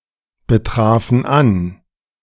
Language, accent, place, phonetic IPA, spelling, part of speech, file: German, Germany, Berlin, [bəˌtʁaːfn̩ ˈan], betrafen an, verb, De-betrafen an.ogg
- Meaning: first/third-person plural preterite of anbetreffen